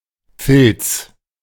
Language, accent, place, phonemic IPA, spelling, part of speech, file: German, Germany, Berlin, /fɪlts/, Filz, noun, De-Filz.ogg
- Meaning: 1. felt 2. sleaze (corruption) 3. miser